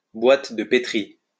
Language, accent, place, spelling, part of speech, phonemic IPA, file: French, France, Lyon, boîte de Pétri, noun, /bwat də pe.tʁi/, LL-Q150 (fra)-boîte de Pétri.wav
- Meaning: Petri dish